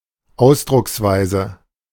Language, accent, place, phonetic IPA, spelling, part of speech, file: German, Germany, Berlin, [ˈaʊ̯sdʁʊksˌvaɪ̯zə], Ausdrucksweise, noun, De-Ausdrucksweise.ogg
- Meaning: diction